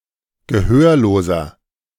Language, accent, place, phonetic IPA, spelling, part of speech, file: German, Germany, Berlin, [ɡəˈhøːɐ̯loːzɐ], gehörloser, adjective, De-gehörloser.ogg
- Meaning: inflection of gehörlos: 1. strong/mixed nominative masculine singular 2. strong genitive/dative feminine singular 3. strong genitive plural